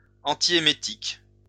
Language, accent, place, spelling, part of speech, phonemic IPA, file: French, France, Lyon, antiémétique, adjective / noun, /ɑ̃.ti.e.me.tik/, LL-Q150 (fra)-antiémétique.wav
- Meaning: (adjective) antiemetic